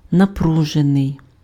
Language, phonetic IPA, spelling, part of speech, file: Ukrainian, [nɐˈpruʒenei̯], напружений, verb / adjective, Uk-напружений.ogg
- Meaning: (verb) passive adjectival past participle of напру́жити pf (naprúžyty); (adjective) tense, strained (nerves, atmosphere, emotional state, etc.)